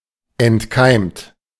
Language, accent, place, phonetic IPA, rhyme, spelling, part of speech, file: German, Germany, Berlin, [ɛntˈkaɪ̯mt], -aɪ̯mt, entkeimt, verb, De-entkeimt.ogg
- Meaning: 1. past participle of entkeimen 2. inflection of entkeimen: third-person singular present 3. inflection of entkeimen: second-person plural present 4. inflection of entkeimen: plural imperative